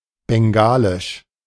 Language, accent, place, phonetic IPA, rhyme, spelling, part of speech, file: German, Germany, Berlin, [bɛŋˈɡaːlɪʃ], -aːlɪʃ, bengalisch, adjective, De-bengalisch.ogg
- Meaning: Bengali, Bangladeshi